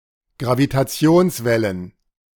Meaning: plural of Gravitationswelle
- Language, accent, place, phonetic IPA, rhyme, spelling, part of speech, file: German, Germany, Berlin, [ɡʁavitaˈt͡si̯oːnsˌvɛlən], -oːnsvɛlən, Gravitationswellen, noun, De-Gravitationswellen.ogg